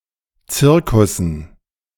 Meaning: dative plural of Zirkus
- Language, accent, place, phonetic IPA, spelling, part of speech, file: German, Germany, Berlin, [ˈt͡sɪʁkʊsn̩], Zirkussen, noun, De-Zirkussen.ogg